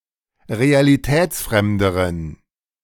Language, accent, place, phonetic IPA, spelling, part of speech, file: German, Germany, Berlin, [ʁealiˈtɛːt͡sˌfʁɛmdəʁən], realitätsfremderen, adjective, De-realitätsfremderen.ogg
- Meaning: inflection of realitätsfremd: 1. strong genitive masculine/neuter singular comparative degree 2. weak/mixed genitive/dative all-gender singular comparative degree